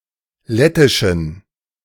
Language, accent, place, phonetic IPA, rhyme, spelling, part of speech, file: German, Germany, Berlin, [ˈlɛtɪʃn̩], -ɛtɪʃn̩, lettischen, adjective, De-lettischen.ogg
- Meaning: inflection of lettisch: 1. strong genitive masculine/neuter singular 2. weak/mixed genitive/dative all-gender singular 3. strong/weak/mixed accusative masculine singular 4. strong dative plural